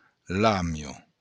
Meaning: shark
- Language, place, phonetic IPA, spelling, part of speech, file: Occitan, Béarn, [ˈlamjo], làmia, noun, LL-Q14185 (oci)-làmia.wav